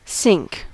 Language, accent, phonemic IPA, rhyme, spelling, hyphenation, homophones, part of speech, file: English, General American, /ˈsɪŋk/, -ɪŋk, sink, sink, cinque / sync / synch, verb / noun, En-us-sink.ogg
- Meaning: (verb) To move or be moved into something.: To descend or submerge (or to cause to do so) into a liquid or similar substance